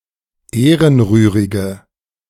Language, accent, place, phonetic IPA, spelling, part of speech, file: German, Germany, Berlin, [ˈeːʁənˌʁyːʁɪɡə], ehrenrührige, adjective, De-ehrenrührige.ogg
- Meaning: inflection of ehrenrührig: 1. strong/mixed nominative/accusative feminine singular 2. strong nominative/accusative plural 3. weak nominative all-gender singular